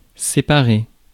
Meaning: 1. to separate 2. to split up, to cause to come apart
- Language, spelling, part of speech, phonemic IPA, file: French, séparer, verb, /se.pa.ʁe/, Fr-séparer.ogg